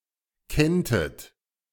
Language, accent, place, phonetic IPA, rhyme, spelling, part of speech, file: German, Germany, Berlin, [ˈkɛntət], -ɛntət, kenntet, verb, De-kenntet.ogg
- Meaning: second-person plural subjunctive II of kennen